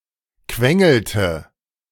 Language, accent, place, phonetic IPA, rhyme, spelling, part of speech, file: German, Germany, Berlin, [ˈkvɛŋl̩tə], -ɛŋl̩tə, quengelte, verb, De-quengelte.ogg
- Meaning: inflection of quengeln: 1. first/third-person singular preterite 2. first/third-person singular subjunctive II